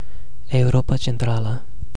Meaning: Central Europe (a geographic region in the center of Europe, usually including Austria, Switzerland, the Czech Republic, Hungary, Poland, Slovakia, Slovenia, Croatia and Germany)
- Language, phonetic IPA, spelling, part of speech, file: Romanian, [e.uˈɾo.pa.t͡ʃenˌtɾa.lə], Europa Centrală, proper noun, Ro-Europa Centrală.ogg